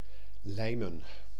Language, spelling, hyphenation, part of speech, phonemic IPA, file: Dutch, lijmen, lij‧men, verb / noun, /ˈlɛi̯.mə(n)/, Nl-lijmen.ogg
- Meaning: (verb) 1. to glue, join (as) with glue 2. to convince, win over 3. to sing (also about humans); chatter like a bird; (noun) 1. plural of lijm (sense glue) 2. plural of lijm (sense chatter)